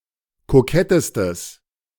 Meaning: strong/mixed nominative/accusative neuter singular superlative degree of kokett
- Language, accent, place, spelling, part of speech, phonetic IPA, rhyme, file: German, Germany, Berlin, kokettestes, adjective, [koˈkɛtəstəs], -ɛtəstəs, De-kokettestes.ogg